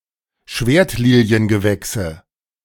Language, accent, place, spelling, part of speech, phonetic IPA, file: German, Germany, Berlin, Schwertliliengewächse, noun, [ˈʃveːɐ̯tliːli̯ənɡəˌvɛksə], De-Schwertliliengewächse.ogg
- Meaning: nominative/accusative/genitive plural of Schwertliliengewächs